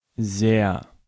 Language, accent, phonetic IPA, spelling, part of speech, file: German, Germany, [zɛɐ̯], sehr, adverb, De-sehr.ogg
- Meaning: 1. very 2. a lot, much